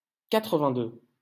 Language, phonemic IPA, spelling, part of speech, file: French, /ka.tʁə.vɛ̃.dø/, quatre-vingt-deux, numeral, LL-Q150 (fra)-quatre-vingt-deux.wav
- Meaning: eighty-two